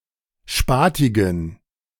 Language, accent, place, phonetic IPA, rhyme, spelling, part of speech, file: German, Germany, Berlin, [ˈʃpaːtɪɡn̩], -aːtɪɡn̩, spatigen, adjective, De-spatigen.ogg
- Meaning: inflection of spatig: 1. strong genitive masculine/neuter singular 2. weak/mixed genitive/dative all-gender singular 3. strong/weak/mixed accusative masculine singular 4. strong dative plural